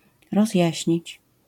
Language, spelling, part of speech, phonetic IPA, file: Polish, rozjaśnić, verb, [rɔzʲˈjäɕɲit͡ɕ], LL-Q809 (pol)-rozjaśnić.wav